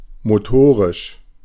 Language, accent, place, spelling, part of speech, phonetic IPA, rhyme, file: German, Germany, Berlin, motorisch, adjective, [moˈtoːʁɪʃ], -oːʁɪʃ, De-motorisch.ogg
- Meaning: 1. motor 2. motorized